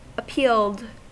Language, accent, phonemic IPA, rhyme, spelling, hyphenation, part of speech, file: English, US, /əˈpiːld/, -iːld, appealed, ap‧pealed, verb, En-us-appealed.ogg
- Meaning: simple past and past participle of appeal